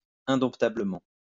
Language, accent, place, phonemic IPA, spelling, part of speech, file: French, France, Lyon, /ɛ̃.dɔ̃.ta.blə.mɑ̃/, indomptablement, adverb, LL-Q150 (fra)-indomptablement.wav
- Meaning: untameably